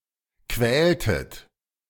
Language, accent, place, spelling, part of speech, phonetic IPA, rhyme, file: German, Germany, Berlin, quältet, verb, [ˈkvɛːltət], -ɛːltət, De-quältet.ogg
- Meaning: inflection of quälen: 1. second-person plural preterite 2. second-person plural subjunctive II